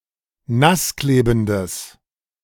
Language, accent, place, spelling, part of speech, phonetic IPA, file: German, Germany, Berlin, nassklebendes, adjective, [ˈnasˌkleːbn̩dəs], De-nassklebendes.ogg
- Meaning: strong/mixed nominative/accusative neuter singular of nassklebend